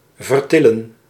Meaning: 1. to move by lifting 2. to get hurt by lifting
- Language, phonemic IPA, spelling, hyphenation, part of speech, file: Dutch, /vərˈtɪ.lə(n)/, vertillen, ver‧til‧len, verb, Nl-vertillen.ogg